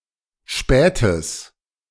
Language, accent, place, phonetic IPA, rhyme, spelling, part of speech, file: German, Germany, Berlin, [ˈʃpɛːtəs], -ɛːtəs, spätes, adjective, De-spätes.ogg
- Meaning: strong/mixed nominative/accusative neuter singular of spät